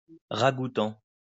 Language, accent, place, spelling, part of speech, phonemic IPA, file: French, France, Lyon, ragoûtant, adjective, /ʁa.ɡu.tɑ̃/, LL-Q150 (fra)-ragoûtant.wav
- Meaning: appetizing, tasty